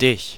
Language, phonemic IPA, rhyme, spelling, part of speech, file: German, /dɪç/, -ɪç, dich, pronoun, De-dich.ogg
- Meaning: 1. accusative of du; you, thee (direct object) 2. accusative of du; yourself, thyself (direct object)